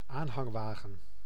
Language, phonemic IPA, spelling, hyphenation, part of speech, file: Dutch, /ˈaːn.ɦɑŋˌʋaːɣə(n)/, aanhangwagen, aan‧hang‧wa‧gen, noun, Nl-aanhangwagen.ogg
- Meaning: trailer (on a vehicle) (not used for mobile homes)